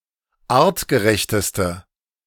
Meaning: inflection of artgerecht: 1. strong/mixed nominative/accusative feminine singular superlative degree 2. strong nominative/accusative plural superlative degree
- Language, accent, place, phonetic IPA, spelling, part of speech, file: German, Germany, Berlin, [ˈaːʁtɡəˌʁɛçtəstə], artgerechteste, adjective, De-artgerechteste.ogg